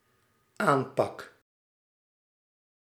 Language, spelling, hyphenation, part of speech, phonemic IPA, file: Dutch, aanpak, aan‧pak, noun / verb, /ˈaːmpɑk/, Nl-aanpak.ogg
- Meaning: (noun) an approach, the manner in which a problem is analyzed and solved or policy is made; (verb) first-person singular dependent-clause present indicative of aanpakken